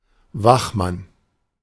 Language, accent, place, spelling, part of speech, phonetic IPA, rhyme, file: German, Germany, Berlin, Wachmann, noun, [ˈvaxˌman], -axman, De-Wachmann.ogg
- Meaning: 1. watchman, security guard 2. policeman